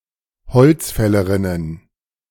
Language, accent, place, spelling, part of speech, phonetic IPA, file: German, Germany, Berlin, bezöget ein, verb, [bəˌt͡søːɡət ˈaɪ̯n], De-bezöget ein.ogg
- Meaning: second-person plural subjunctive II of einbeziehen